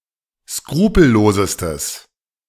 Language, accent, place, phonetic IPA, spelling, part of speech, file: German, Germany, Berlin, [ˈskʁuːpl̩ˌloːzəstəs], skrupellosestes, adjective, De-skrupellosestes.ogg
- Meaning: strong/mixed nominative/accusative neuter singular superlative degree of skrupellos